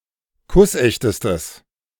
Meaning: strong/mixed nominative/accusative neuter singular superlative degree of kussecht
- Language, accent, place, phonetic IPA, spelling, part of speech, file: German, Germany, Berlin, [ˈkʊsˌʔɛçtəstəs], kussechtestes, adjective, De-kussechtestes.ogg